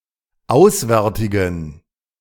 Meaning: inflection of auswärtig: 1. strong genitive masculine/neuter singular 2. weak/mixed genitive/dative all-gender singular 3. strong/weak/mixed accusative masculine singular 4. strong dative plural
- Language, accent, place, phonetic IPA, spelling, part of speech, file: German, Germany, Berlin, [ˈaʊ̯sˌvɛʁtɪɡn̩], auswärtigen, adjective, De-auswärtigen.ogg